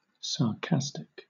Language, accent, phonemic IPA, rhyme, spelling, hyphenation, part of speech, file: English, Southern England, /sɑːˈkæs.tɪk/, -æstɪk, sarcastic, sar‧cas‧tic, adjective, LL-Q1860 (eng)-sarcastic.wav
- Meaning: 1. Containing sarcasm 2. Having the personality trait of expressing sarcasm